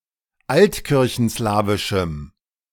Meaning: strong dative masculine/neuter singular of altkirchenslawisch
- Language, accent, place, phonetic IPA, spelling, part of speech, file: German, Germany, Berlin, [ˈaltkɪʁçn̩ˌslaːvɪʃm̩], altkirchenslawischem, adjective, De-altkirchenslawischem.ogg